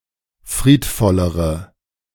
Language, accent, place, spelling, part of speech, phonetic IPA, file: German, Germany, Berlin, friedvollere, adjective, [ˈfʁiːtˌfɔləʁə], De-friedvollere.ogg
- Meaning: inflection of friedvoll: 1. strong/mixed nominative/accusative feminine singular comparative degree 2. strong nominative/accusative plural comparative degree